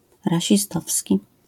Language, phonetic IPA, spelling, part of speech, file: Polish, [ˌraɕiˈstɔfsʲci], rasistowski, adjective, LL-Q809 (pol)-rasistowski.wav